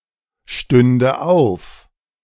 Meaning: first/third-person singular subjunctive II of aufstehen
- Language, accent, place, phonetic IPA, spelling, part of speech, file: German, Germany, Berlin, [ˌʃtʏndə ˈaʊ̯f], stünde auf, verb, De-stünde auf.ogg